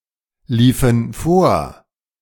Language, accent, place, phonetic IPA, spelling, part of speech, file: German, Germany, Berlin, [ˌliːfn̩ ˈfoːɐ̯], liefen vor, verb, De-liefen vor.ogg
- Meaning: inflection of vorlaufen: 1. first/third-person plural preterite 2. first/third-person plural subjunctive II